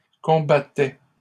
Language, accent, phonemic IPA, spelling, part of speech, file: French, Canada, /kɔ̃.ba.tɛ/, combattais, verb, LL-Q150 (fra)-combattais.wav
- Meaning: first/second-person singular imperfect indicative of combattre